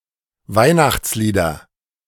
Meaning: nominative/accusative/genitive plural of Weihnachtslied
- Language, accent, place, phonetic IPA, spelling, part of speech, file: German, Germany, Berlin, [ˈvaɪ̯naxt͡sˌliːdɐ], Weihnachtslieder, noun, De-Weihnachtslieder.ogg